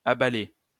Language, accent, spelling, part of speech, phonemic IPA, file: French, France, abalée, verb, /a.ba.le/, LL-Q150 (fra)-abalée.wav
- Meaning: feminine singular of abalé